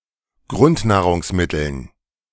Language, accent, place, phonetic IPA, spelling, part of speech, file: German, Germany, Berlin, [ˈɡʁʊntnaːʁʊŋsˌmɪtl̩n], Grundnahrungsmitteln, noun, De-Grundnahrungsmitteln.ogg
- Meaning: dative plural of Grundnahrungsmittel